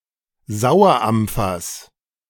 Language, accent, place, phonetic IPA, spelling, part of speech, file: German, Germany, Berlin, [ˈzaʊ̯ɐˌʔamp͡fɐs], Sauerampfers, noun, De-Sauerampfers.ogg
- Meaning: genitive of Sauerampfer